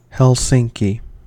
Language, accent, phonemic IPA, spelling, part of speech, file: English, US, /hɛlˈsɪŋ.ki/, Helsinki, proper noun, En-us-Helsinki.ogg
- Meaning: 1. The capital city of Finland; a municipality, the capital of the region of Uusimaa, Finland 2. The Finnish government